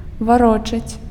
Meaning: to return, to give back
- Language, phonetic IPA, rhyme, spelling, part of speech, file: Belarusian, [vaˈrot͡ʂat͡sʲ], -ot͡ʂat͡sʲ, варочаць, verb, Be-варочаць.ogg